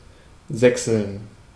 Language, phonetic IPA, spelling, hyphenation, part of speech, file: German, [ˈzɛksl̩n], sächseln, säch‧seln, verb, De-sächseln.ogg
- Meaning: to speak or sound (ober-)sächsisch (like one is from Saxony)